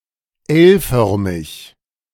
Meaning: L-shaped
- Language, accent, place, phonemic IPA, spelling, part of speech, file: German, Germany, Berlin, /ˈɛlˌfœʁmɪç/, L-förmig, adjective, De-L-förmig.ogg